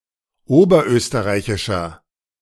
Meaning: inflection of oberösterreichisch: 1. strong/mixed nominative masculine singular 2. strong genitive/dative feminine singular 3. strong genitive plural
- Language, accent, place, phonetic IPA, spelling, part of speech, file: German, Germany, Berlin, [ˈoːbɐˌʔøːstəʁaɪ̯çɪʃɐ], oberösterreichischer, adjective, De-oberösterreichischer.ogg